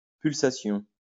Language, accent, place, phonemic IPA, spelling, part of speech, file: French, France, Lyon, /pyl.sa.sjɔ̃/, pulsation, noun, LL-Q150 (fra)-pulsation.wav
- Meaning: pulsation